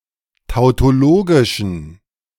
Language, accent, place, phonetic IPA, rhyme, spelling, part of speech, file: German, Germany, Berlin, [taʊ̯toˈloːɡɪʃn̩], -oːɡɪʃn̩, tautologischen, adjective, De-tautologischen.ogg
- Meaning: inflection of tautologisch: 1. strong genitive masculine/neuter singular 2. weak/mixed genitive/dative all-gender singular 3. strong/weak/mixed accusative masculine singular 4. strong dative plural